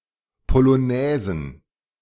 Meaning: plural of Polonaise
- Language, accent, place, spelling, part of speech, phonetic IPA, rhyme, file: German, Germany, Berlin, Polonaisen, noun, [poloˈnɛːzn̩], -ɛːzn̩, De-Polonaisen.ogg